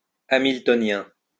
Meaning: Hamiltonian
- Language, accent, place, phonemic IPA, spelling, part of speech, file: French, France, Lyon, /a.mil.tɔ.njɛ̃/, hamiltonien, adjective, LL-Q150 (fra)-hamiltonien.wav